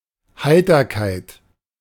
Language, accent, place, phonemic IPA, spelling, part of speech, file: German, Germany, Berlin, /ˈhaɪ̯tɐˌkaɪ̯t/, Heiterkeit, noun, De-Heiterkeit.ogg
- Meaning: cheer, cheerfulness, exhilaration